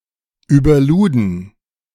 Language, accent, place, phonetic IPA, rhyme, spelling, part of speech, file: German, Germany, Berlin, [yːbɐˈluːdn̩], -uːdn̩, überluden, verb, De-überluden.ogg
- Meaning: first/third-person plural preterite of überladen